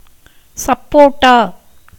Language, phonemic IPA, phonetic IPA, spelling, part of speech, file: Tamil, /tʃɐpːoːʈːɑː/, [sɐpːoːʈːäː], சப்போட்டா, noun, Ta-சப்போட்டா.ogg
- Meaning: sapodilla, naseberry (Manilkara zapota)